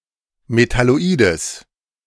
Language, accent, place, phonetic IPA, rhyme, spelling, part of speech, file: German, Germany, Berlin, [metaloˈiːdəs], -iːdəs, Metalloides, noun, De-Metalloides.ogg
- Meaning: genitive singular of Metalloid